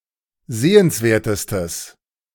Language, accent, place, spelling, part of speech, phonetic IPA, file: German, Germany, Berlin, sehenswertestes, adjective, [ˈzeːənsˌveːɐ̯təstəs], De-sehenswertestes.ogg
- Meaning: strong/mixed nominative/accusative neuter singular superlative degree of sehenswert